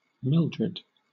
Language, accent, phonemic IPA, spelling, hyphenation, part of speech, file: English, Southern England, /ˈmɪldɹəd/, Mildred, Mil‧dred, proper noun, LL-Q1860 (eng)-Mildred.wav
- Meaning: A female given name from Old English